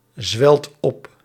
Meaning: inflection of opzwellen: 1. second/third-person singular present indicative 2. plural imperative
- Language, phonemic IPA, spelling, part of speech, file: Dutch, /ˈzwɛlt ˈɔp/, zwelt op, verb, Nl-zwelt op.ogg